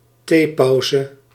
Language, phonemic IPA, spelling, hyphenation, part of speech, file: Dutch, /ˈtepɑuzə/, theepauze, thee‧pau‧ze, noun, Nl-theepauze.ogg
- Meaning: tea break